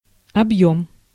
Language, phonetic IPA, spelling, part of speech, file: Russian, [ɐbˈjɵm], объём, noun, Ru-объём.ogg
- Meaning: 1. volume, capacity, bulk 2. extent, range, scope